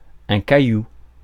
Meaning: 1. gravel, small stone 2. head
- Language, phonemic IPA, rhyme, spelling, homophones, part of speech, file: French, /ka.ju/, -ju, caillou, cailloux, noun, Fr-caillou.ogg